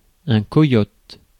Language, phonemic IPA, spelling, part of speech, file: French, /kɔ.jɔt/, coyote, noun, Fr-coyote.ogg
- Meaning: coyote